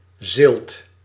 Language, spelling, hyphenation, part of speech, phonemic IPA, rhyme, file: Dutch, zilt, zilt, adjective, /zɪlt/, -ɪlt, Nl-zilt.ogg
- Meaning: salty (containing a significant amount of salt)